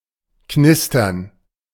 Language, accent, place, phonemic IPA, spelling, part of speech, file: German, Germany, Berlin, /ˈknɪstɐn/, knistern, verb, De-knistern.ogg
- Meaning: to sizzle; to crackle; to creak; chiefly referring to the sound of fire, or of paper, aluminium, etc., being crumpled